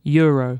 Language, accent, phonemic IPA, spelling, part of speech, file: English, UK, /ˈjʊəɹəʊ/, euro, noun, En-uk-euro.ogg
- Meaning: 1. The currency unit of the European Monetary Union. Symbol: € 2. A coin with a face value of one euro 3. Abbreviation of European, in any sense